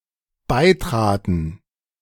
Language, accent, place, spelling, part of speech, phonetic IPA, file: German, Germany, Berlin, beitraten, verb, [ˈbaɪ̯ˌtʁaːtn̩], De-beitraten.ogg
- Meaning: first/third-person plural dependent preterite of beitreten